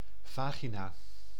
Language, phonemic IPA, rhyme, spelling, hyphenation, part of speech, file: Dutch, /ˈvaːɣinaː/, -aːɣinaː, vagina, va‧gi‧na, noun, Nl-vagina.ogg
- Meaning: vagina